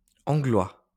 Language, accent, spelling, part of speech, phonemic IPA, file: French, France, anglois, noun / adjective, /ɑ̃.ɡlɛ/, LL-Q150 (fra)-anglois.wav
- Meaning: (noun) archaic spelling of anglais